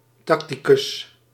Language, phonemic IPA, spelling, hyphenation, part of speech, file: Dutch, /ˈtɑk.tiˌkʏs/, tacticus, tac‧ti‧cus, noun, Nl-tacticus.ogg
- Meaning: a tactician